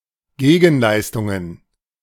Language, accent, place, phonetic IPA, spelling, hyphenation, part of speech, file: German, Germany, Berlin, [ˈɡeːɡn̩ˌlaɪ̯stʊŋən], Gegenleistungen, Ge‧gen‧leis‧tun‧gen, noun, De-Gegenleistungen.ogg
- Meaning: plural of Gegenleistung